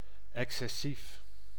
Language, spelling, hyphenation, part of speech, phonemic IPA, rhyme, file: Dutch, excessief, ex‧ces‧sief, adjective, /ˌɛk.sɛˈsif/, -if, Nl-excessief.ogg
- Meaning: excessive, extreme